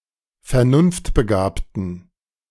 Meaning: inflection of vernunftbegabt: 1. strong genitive masculine/neuter singular 2. weak/mixed genitive/dative all-gender singular 3. strong/weak/mixed accusative masculine singular 4. strong dative plural
- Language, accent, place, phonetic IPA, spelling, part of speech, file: German, Germany, Berlin, [fɛɐ̯ˈnʊnftbəˌɡaːptn̩], vernunftbegabten, adjective, De-vernunftbegabten.ogg